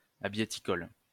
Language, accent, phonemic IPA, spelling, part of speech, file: French, France, /a.bje.ti.kɔl/, abiéticole, adjective, LL-Q150 (fra)-abiéticole.wav
- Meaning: abieticolous